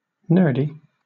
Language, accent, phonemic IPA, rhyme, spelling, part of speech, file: English, Southern England, /ˈnɜː(ɹ)di/, -ɜː(ɹ)di, nerdy, adjective, LL-Q1860 (eng)-nerdy.wav
- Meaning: 1. Being or like a nerd 2. Of, pertaining to, in the style of, or appealing to nerds